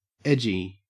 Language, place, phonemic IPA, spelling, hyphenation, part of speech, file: English, Queensland, /ˈed͡ʒi/, edgy, edg‧y, adjective, En-au-edgy.ogg
- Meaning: 1. Nervous, apprehensive 2. Creatively challenging; cutting edge; leading edge 3. On the edge between acceptable and offensive; pushing the boundaries of good taste; risqué 4. Irritable